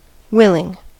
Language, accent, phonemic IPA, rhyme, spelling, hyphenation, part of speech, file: English, US, /ˈwɪlɪŋ/, -ɪlɪŋ, willing, will‧ing, adjective / noun / verb, En-us-willing.ogg
- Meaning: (adjective) Ready to do something, particularly something that requires change or effort; not objecting; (noun) The execution of a will; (verb) present participle and gerund of will